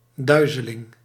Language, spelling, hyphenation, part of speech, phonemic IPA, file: Dutch, duizeling, dui‧ze‧ling, noun, /ˈdœy̯.zə.lɪŋ/, Nl-duizeling.ogg
- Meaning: vertigo, spell of dizziness